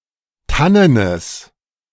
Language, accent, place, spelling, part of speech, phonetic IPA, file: German, Germany, Berlin, tannenes, adjective, [ˈtanənəs], De-tannenes.ogg
- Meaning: strong/mixed nominative/accusative neuter singular of tannen